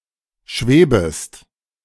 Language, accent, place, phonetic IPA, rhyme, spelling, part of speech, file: German, Germany, Berlin, [ˈʃveːbəst], -eːbəst, schwebest, verb, De-schwebest.ogg
- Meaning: second-person singular subjunctive I of schweben